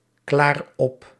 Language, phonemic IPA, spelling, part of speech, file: Dutch, /ˈklar ˈɔp/, klaar op, verb, Nl-klaar op.ogg
- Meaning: inflection of opklaren: 1. first-person singular present indicative 2. second-person singular present indicative 3. imperative